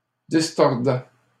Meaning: first/second-person singular imperfect indicative of distordre
- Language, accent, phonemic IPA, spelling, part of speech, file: French, Canada, /dis.tɔʁ.dɛ/, distordais, verb, LL-Q150 (fra)-distordais.wav